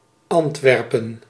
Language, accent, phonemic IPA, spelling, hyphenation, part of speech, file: Dutch, Netherlands, /ˈɑntˌʋɛr.pə(n)/, Antwerpen, Ant‧wer‧pen, proper noun, Nl-Antwerpen.ogg
- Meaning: 1. Antwerp (the largest city and provincial capital of the province of Antwerp, Belgium) 2. Antwerp (a province of Flanders, Belgium)